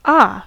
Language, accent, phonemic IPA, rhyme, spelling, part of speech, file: English, General American, /ɑː/, -ɑː, ah, interjection / noun / verb, En-us-ah.ogg
- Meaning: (interjection) 1. An expression of relief, relaxation, comfort, confusion, understanding, wonder, awe, etc. according to uttered inflection 2. A syllable used to fill space, particularly in music